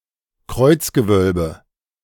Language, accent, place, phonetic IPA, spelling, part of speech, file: German, Germany, Berlin, [ˈkʁɔɪ̯t͡sɡəˌvœlbə], Kreuzgewölbe, noun, De-Kreuzgewölbe.ogg
- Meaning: a cross vault